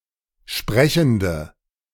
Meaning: inflection of sprechend: 1. strong/mixed nominative/accusative feminine singular 2. strong nominative/accusative plural 3. weak nominative all-gender singular
- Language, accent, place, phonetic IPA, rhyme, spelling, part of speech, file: German, Germany, Berlin, [ˈʃpʁɛçn̩də], -ɛçn̩də, sprechende, adjective, De-sprechende.ogg